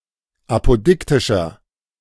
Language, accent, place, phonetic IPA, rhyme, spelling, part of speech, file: German, Germany, Berlin, [ˌapoˈdɪktɪʃɐ], -ɪktɪʃɐ, apodiktischer, adjective, De-apodiktischer.ogg
- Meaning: inflection of apodiktisch: 1. strong/mixed nominative masculine singular 2. strong genitive/dative feminine singular 3. strong genitive plural